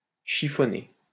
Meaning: 1. to crumple, crease 2. to bother, to perplex
- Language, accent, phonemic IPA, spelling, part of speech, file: French, France, /ʃi.fɔ.ne/, chiffonner, verb, LL-Q150 (fra)-chiffonner.wav